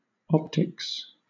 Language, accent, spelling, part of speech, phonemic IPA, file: English, Southern England, optics, noun, /ˈɒptɪks/, LL-Q1860 (eng)-optics.wav
- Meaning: 1. The physics of light and vision: basic optical science 2. Technology that makes use of such physics: applied optical science; business lines making use of such technology